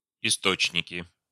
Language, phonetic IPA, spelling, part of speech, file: Russian, [ɪˈstot͡ɕnʲɪkʲɪ], источники, noun, Ru-источники.ogg
- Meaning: nominative/accusative plural of исто́чник (istóčnik)